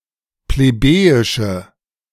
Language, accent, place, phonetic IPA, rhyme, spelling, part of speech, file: German, Germany, Berlin, [pleˈbeːjɪʃə], -eːjɪʃə, plebejische, adjective, De-plebejische.ogg
- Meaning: inflection of plebejisch: 1. strong/mixed nominative/accusative feminine singular 2. strong nominative/accusative plural 3. weak nominative all-gender singular